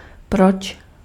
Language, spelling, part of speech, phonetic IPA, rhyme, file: Czech, proč, adverb, [ˈprot͡ʃ], -otʃ, Cs-proč.ogg
- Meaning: why